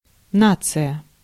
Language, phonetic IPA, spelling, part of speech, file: Russian, [ˈnat͡sɨjə], нация, noun, Ru-нация.ogg
- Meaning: nation, people